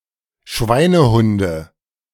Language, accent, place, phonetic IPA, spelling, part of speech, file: German, Germany, Berlin, [ˈʃvaɪ̯nəˌhʊndə], Schweinehunde, noun, De-Schweinehunde.ogg
- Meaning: nominative/accusative/genitive plural of Schweinehund